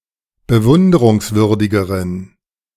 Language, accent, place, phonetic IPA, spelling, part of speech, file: German, Germany, Berlin, [bəˈvʊndəʁʊŋsˌvʏʁdɪɡəʁən], bewunderungswürdigeren, adjective, De-bewunderungswürdigeren.ogg
- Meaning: inflection of bewunderungswürdig: 1. strong genitive masculine/neuter singular comparative degree 2. weak/mixed genitive/dative all-gender singular comparative degree